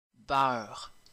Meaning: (noun) butter; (verb) inflection of beurrer: 1. first/third-person singular present indicative/subjunctive 2. second-person singular imperative
- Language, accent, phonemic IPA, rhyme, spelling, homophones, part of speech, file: French, Quebec, /bœʁ/, -œʁ, beurre, beur / beurs / beurrent / beurres, noun / verb, Qc-beurre.ogg